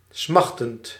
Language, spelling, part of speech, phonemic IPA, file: Dutch, smachtend, verb / adjective, /ˈsmɑxtənt/, Nl-smachtend.ogg
- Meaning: present participle of smachten